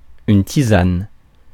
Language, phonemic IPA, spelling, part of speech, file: French, /ti.zan/, tisane, noun, Fr-tisane.ogg
- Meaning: 1. herbal tea; tisane 2. beating, pounding, thrashing